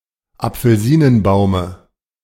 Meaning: dative singular of Apfelsinenbaum
- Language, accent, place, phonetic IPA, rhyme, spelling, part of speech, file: German, Germany, Berlin, [ap͡fl̩ˈziːnənˌbaʊ̯mə], -iːnənbaʊ̯mə, Apfelsinenbaume, noun, De-Apfelsinenbaume.ogg